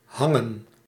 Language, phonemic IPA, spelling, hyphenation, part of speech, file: Dutch, /ˈɦɑŋə(n)/, hangen, han‧gen, verb, Nl-hangen.ogg
- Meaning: to hang